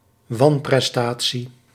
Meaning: 1. breach of contract 2. substandard performance, failure
- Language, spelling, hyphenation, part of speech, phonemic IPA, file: Dutch, wanprestatie, wan‧pres‧ta‧tie, noun, /ˈʋɑn.prɛsˌtaː.(t)si/, Nl-wanprestatie.ogg